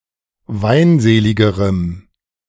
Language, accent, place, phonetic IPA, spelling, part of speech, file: German, Germany, Berlin, [ˈvaɪ̯nˌzeːlɪɡəʁəm], weinseligerem, adjective, De-weinseligerem.ogg
- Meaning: strong dative masculine/neuter singular comparative degree of weinselig